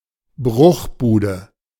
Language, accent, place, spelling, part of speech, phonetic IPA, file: German, Germany, Berlin, Bruchbude, noun, [ˈbʁʊxˌbuːdə], De-Bruchbude.ogg
- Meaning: shack, rundown hut